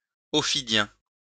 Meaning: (noun) ophidian
- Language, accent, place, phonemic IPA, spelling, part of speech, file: French, France, Lyon, /ɔ.fi.djɛ̃/, ophidien, noun / adjective, LL-Q150 (fra)-ophidien.wav